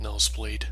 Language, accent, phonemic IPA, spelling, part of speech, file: English, US, /ˈnoʊzˌblid/, nosebleed, noun, Nosebleed US.ogg
- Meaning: 1. Haemorrhage from the nose (usually, blood flow exiting the nostrils that originates from the nasal cavity) 2. Nerd; geek; dork